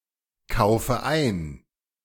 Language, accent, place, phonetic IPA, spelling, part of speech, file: German, Germany, Berlin, [ˌkaʊ̯fə ˈaɪ̯n], kaufe ein, verb, De-kaufe ein.ogg
- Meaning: inflection of einkaufen: 1. first-person singular present 2. first/third-person singular subjunctive I 3. singular imperative